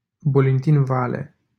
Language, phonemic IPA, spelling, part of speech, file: Romanian, /bolinˌtin ˈvale/, Bolintin-Vale, proper noun, LL-Q7913 (ron)-Bolintin-Vale.wav
- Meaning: a town in Giurgiu County, Romania